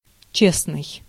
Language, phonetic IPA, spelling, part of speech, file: Russian, [ˈt͡ɕesnɨj], честный, adjective, Ru-честный.ogg
- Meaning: honest, upright, fair (not to be confused with честно́й (čestnój))